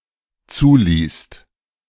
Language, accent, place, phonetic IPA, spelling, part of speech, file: German, Germany, Berlin, [ˈt͡suːˌliːst], zuließt, verb, De-zuließt.ogg
- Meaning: second-person singular/plural dependent preterite of zulassen